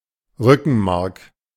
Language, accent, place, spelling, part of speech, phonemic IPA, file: German, Germany, Berlin, Rückenmark, noun, /ˈʁʏkn̩ˌmaʁk/, De-Rückenmark.ogg
- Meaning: spinal cord